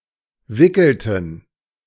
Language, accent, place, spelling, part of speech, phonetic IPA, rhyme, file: German, Germany, Berlin, wickelten, verb, [ˈvɪkl̩tn̩], -ɪkl̩tn̩, De-wickelten.ogg
- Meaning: inflection of wickeln: 1. first/third-person plural preterite 2. first/third-person plural subjunctive II